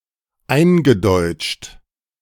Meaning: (verb) past participle of eindeutschen; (adjective) adapted to the orthography, phonology and/or morphology of the German language; Germanized
- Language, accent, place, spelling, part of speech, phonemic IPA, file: German, Germany, Berlin, eingedeutscht, verb / adjective, /ˈaɪ̯nɡəˌdɔɪ̯tʃt/, De-eingedeutscht.ogg